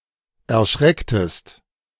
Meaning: inflection of erschrecken: 1. second-person singular preterite 2. second-person singular subjunctive II
- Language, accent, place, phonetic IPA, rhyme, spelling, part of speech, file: German, Germany, Berlin, [ɛɐ̯ˈʃʁɛktəst], -ɛktəst, erschrecktest, verb, De-erschrecktest.ogg